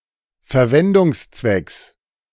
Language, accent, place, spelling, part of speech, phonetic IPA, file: German, Germany, Berlin, Verwendungszwecks, noun, [fɛɐ̯ˈvɛndʊŋsˌt͡svɛks], De-Verwendungszwecks.ogg
- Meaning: genitive singular of Verwendungszweck